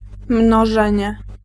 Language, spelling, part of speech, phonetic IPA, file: Polish, mnożenie, noun, [mnɔˈʒɛ̃ɲɛ], Pl-mnożenie.ogg